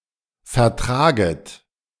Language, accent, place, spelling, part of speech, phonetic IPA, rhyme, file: German, Germany, Berlin, vertraget, verb, [fɛɐ̯ˈtʁaːɡət], -aːɡət, De-vertraget.ogg
- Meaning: second-person plural subjunctive I of vertragen